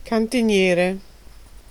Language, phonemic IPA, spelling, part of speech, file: Italian, /kantiˈnjɛre/, cantiniere, noun, It-cantiniere.ogg